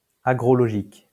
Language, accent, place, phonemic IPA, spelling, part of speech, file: French, France, Lyon, /a.ɡʁɔ.lɔ.ʒik/, agrologique, adjective, LL-Q150 (fra)-agrologique.wav
- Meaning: agrological